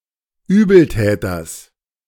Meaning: genitive singular of Übeltäter
- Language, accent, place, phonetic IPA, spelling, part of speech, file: German, Germany, Berlin, [ˈyːbl̩ˌtɛːtɐs], Übeltäters, noun, De-Übeltäters.ogg